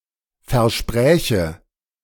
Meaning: first/third-person singular subjunctive II of versprechen
- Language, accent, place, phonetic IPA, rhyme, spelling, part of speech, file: German, Germany, Berlin, [fɛɐ̯ˈʃpʁɛːçə], -ɛːçə, verspräche, verb, De-verspräche.ogg